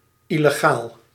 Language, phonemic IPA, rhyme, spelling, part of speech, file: Dutch, /ˌi.ləˈɣaːl/, -aːl, illegaal, adjective / noun, Nl-illegaal.ogg
- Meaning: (adjective) illegal; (noun) an illegal, illegal immigrant